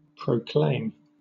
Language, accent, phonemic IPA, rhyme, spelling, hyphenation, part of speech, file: English, Southern England, /pɹəʊˈkleɪm/, -eɪm, proclaim, pro‧claim, verb, LL-Q1860 (eng)-proclaim.wav
- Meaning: 1. To announce or declare 2. To make (something) the subject of an official proclamation bringing it within the scope of emergency powers